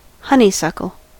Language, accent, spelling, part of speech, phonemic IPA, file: English, US, honeysuckle, noun, /ˈhʌn.i.sʌk.əl/, En-us-honeysuckle.ogg
- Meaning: Any of the many species of arching shrubs and climbing vines of the genus Lonicera in the Caprifoliaceae family, many with sweet-smelling, bell-shaped flowers